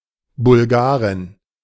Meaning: female equivalent of Bulgare
- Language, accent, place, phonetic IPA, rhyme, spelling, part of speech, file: German, Germany, Berlin, [bʊlˈɡaːʁɪn], -aːʁɪn, Bulgarin, noun, De-Bulgarin.ogg